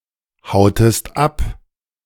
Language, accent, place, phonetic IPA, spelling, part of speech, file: German, Germany, Berlin, [ˌhaʊ̯təst ˈap], hautest ab, verb, De-hautest ab.ogg
- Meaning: inflection of abhauen: 1. second-person singular preterite 2. second-person singular subjunctive II